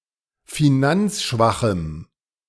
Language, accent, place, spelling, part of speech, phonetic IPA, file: German, Germany, Berlin, finanzschwachem, adjective, [fiˈnant͡sˌʃvaxm̩], De-finanzschwachem.ogg
- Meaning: strong dative masculine/neuter singular of finanzschwach